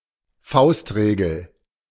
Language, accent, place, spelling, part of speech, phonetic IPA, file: German, Germany, Berlin, Faustregel, noun, [ˈfaʊ̯stˌʁeːɡl̩], De-Faustregel.ogg
- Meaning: rule of thumb